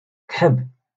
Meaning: to cough
- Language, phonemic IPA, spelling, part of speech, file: Moroccan Arabic, /kħab/, كحب, verb, LL-Q56426 (ary)-كحب.wav